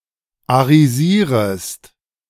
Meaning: second-person singular subjunctive I of arisieren
- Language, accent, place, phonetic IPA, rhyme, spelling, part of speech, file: German, Germany, Berlin, [aʁiˈziːʁəst], -iːʁəst, arisierest, verb, De-arisierest.ogg